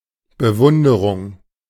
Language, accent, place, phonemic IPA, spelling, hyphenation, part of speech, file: German, Germany, Berlin, /bəˈvʊndəʁʊŋ/, Bewunderung, Be‧wun‧de‧rung, noun, De-Bewunderung.ogg
- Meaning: admiration